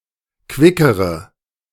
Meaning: inflection of quick: 1. strong/mixed nominative/accusative feminine singular comparative degree 2. strong nominative/accusative plural comparative degree
- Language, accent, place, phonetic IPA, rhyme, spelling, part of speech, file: German, Germany, Berlin, [ˈkvɪkəʁə], -ɪkəʁə, quickere, adjective, De-quickere.ogg